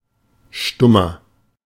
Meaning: 1. comparative degree of stumm 2. inflection of stumm: strong/mixed nominative masculine singular 3. inflection of stumm: strong genitive/dative feminine singular
- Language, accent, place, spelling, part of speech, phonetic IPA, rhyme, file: German, Germany, Berlin, stummer, adjective, [ˈʃtʊmɐ], -ʊmɐ, De-stummer.ogg